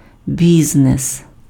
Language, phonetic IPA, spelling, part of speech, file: Ukrainian, [ˈbʲiznes], бізнес, noun, Uk-бізнес.ogg
- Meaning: 1. business (a specific commercial enterprise or establishment) 2. business (commercial, industrial or professional activity; enterprise) 3. business (businesspeople, entrepreneurs)